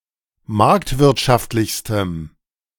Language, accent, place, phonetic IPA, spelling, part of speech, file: German, Germany, Berlin, [ˈmaʁktvɪʁtʃaftlɪçstəm], marktwirtschaftlichstem, adjective, De-marktwirtschaftlichstem.ogg
- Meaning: strong dative masculine/neuter singular superlative degree of marktwirtschaftlich